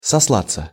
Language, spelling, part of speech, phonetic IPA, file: Russian, сослаться, verb, [sɐsˈɫat͡sːə], Ru-сослаться.ogg
- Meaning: 1. to refer to, to allude to, to cite, to quote 2. passive of сосла́ть (soslátʹ)